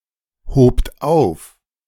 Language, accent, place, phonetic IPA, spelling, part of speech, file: German, Germany, Berlin, [ˌhoːpt ˈaʊ̯f], hobt auf, verb, De-hobt auf.ogg
- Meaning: second-person plural preterite of aufheben